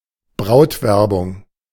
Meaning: courtship
- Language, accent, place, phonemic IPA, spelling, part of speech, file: German, Germany, Berlin, /ˈbʁaʊ̯tˌvɛʁbʊŋ/, Brautwerbung, noun, De-Brautwerbung.ogg